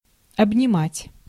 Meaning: 1. to hug, to embrace 2. to engulf, to envelop
- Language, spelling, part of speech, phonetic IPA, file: Russian, обнимать, verb, [ɐbnʲɪˈmatʲ], Ru-обнимать.ogg